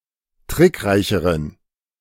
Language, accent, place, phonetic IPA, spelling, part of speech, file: German, Germany, Berlin, [ˈtʁɪkˌʁaɪ̯çəʁən], trickreicheren, adjective, De-trickreicheren.ogg
- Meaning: inflection of trickreich: 1. strong genitive masculine/neuter singular comparative degree 2. weak/mixed genitive/dative all-gender singular comparative degree